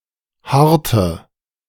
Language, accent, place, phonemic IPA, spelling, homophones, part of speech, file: German, Germany, Berlin, /ˈhartə/, harte, harrte, adjective, De-harte.ogg
- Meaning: inflection of hart: 1. strong/mixed nominative/accusative feminine singular 2. strong nominative/accusative plural 3. weak nominative all-gender singular 4. weak accusative feminine/neuter singular